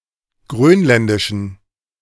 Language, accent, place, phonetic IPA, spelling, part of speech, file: German, Germany, Berlin, [ˈɡʁøːnˌlɛndɪʃn̩], grönländischen, adjective, De-grönländischen.ogg
- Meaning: inflection of grönländisch: 1. strong genitive masculine/neuter singular 2. weak/mixed genitive/dative all-gender singular 3. strong/weak/mixed accusative masculine singular 4. strong dative plural